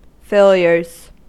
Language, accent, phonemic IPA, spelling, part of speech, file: English, US, /ˈfeɪ.ljɚz/, failures, noun, En-us-failures.ogg
- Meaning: plural of failure